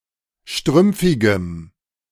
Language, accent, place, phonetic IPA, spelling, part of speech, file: German, Germany, Berlin, [ˈʃtʁʏmp͡fɪɡəm], strümpfigem, adjective, De-strümpfigem.ogg
- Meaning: strong dative masculine/neuter singular of strümpfig